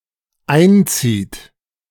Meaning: inflection of einziehen: 1. third-person singular dependent present 2. second-person plural dependent present
- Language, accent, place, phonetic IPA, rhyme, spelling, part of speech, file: German, Germany, Berlin, [ˈaɪ̯nˌt͡siːt], -aɪ̯nt͡siːt, einzieht, verb, De-einzieht.ogg